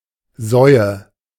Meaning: nominative/accusative/genitive plural of Sau
- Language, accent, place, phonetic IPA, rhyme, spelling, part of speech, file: German, Germany, Berlin, [ˈzɔɪ̯ə], -ɔɪ̯ə, Säue, noun, De-Säue.ogg